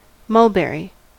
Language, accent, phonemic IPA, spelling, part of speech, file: English, US, /ˈmʌlˌbɛɹi/, mulberry, noun / adjective, En-us-mulberry.ogg
- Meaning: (noun) 1. Any of several trees, of the genus Morus, having edible fruits 2. The fruit of this tree 3. A dark purple colour tinted with red; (adjective) Of a dark purple color tinted with red